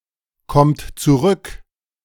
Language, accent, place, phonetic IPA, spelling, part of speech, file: German, Germany, Berlin, [ˌkɔmt t͡suˈʁʏk], kommt zurück, verb, De-kommt zurück.ogg
- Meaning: inflection of zurückkommen: 1. third-person singular present 2. second-person plural present 3. plural imperative